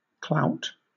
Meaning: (noun) 1. Influence or effectiveness, especially political 2. A blow with the hand 3. A home run 4. The center of the butt at which archers shoot; probably once a piece of white cloth or a nail head
- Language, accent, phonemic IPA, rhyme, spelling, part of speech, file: English, Southern England, /klaʊt/, -aʊt, clout, noun / verb, LL-Q1860 (eng)-clout.wav